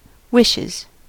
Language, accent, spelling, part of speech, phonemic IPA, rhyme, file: English, US, wishes, noun / verb, /ˈwɪʃɪz/, -ɪʃɪz, En-us-wishes.ogg
- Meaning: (noun) plural of wish; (verb) third-person singular simple present indicative of wish